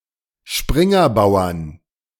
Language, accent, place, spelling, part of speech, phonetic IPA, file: German, Germany, Berlin, Springerbauern, noun, [ˈʃpʁɪŋɐˌbaʊ̯ɐn], De-Springerbauern.ogg
- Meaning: 1. genitive/dative/accusative singular of Springerbauer 2. plural of Springerbauer